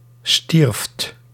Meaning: second-person (gij) singular past indicative of sterven
- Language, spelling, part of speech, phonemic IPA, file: Dutch, stierft, verb, /ˈstirᵊft/, Nl-stierft.ogg